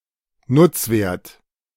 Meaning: usage value
- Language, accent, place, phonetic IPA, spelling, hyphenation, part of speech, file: German, Germany, Berlin, [ˈnʊt͡sˌveːɐ̯t], Nutzwert, Nutz‧wert, noun, De-Nutzwert.ogg